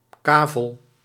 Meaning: 1. a plot, a lot, a tract of land 2. a lot in an auction sale 3. a lot, something apportioned by lottery
- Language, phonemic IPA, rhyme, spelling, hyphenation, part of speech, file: Dutch, /ˈkaː.vəl/, -aːvəl, kavel, ka‧vel, noun, Nl-kavel.ogg